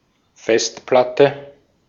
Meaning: hard disk, harddisk
- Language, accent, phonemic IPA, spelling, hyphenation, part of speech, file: German, Austria, /ˈfɛstplatə/, Festplatte, Fest‧plat‧te, noun, De-at-Festplatte.ogg